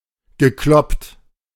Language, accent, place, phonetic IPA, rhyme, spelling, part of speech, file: German, Germany, Berlin, [ɡəˈklɔpt], -ɔpt, gekloppt, verb, De-gekloppt.ogg
- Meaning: past participle of kloppen